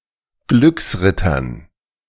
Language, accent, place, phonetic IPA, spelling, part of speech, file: German, Germany, Berlin, [ˈɡlʏksˌʁɪtɐn], Glücksrittern, noun, De-Glücksrittern.ogg
- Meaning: dative plural of Glücksritter